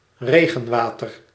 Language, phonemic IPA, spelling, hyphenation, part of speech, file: Dutch, /ˈreː.ɣə(n)ˌʋaː.tər/, regenwater, re‧gen‧wa‧ter, noun, Nl-regenwater.ogg
- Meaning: rainwater (water falling as rain; such water being stored up)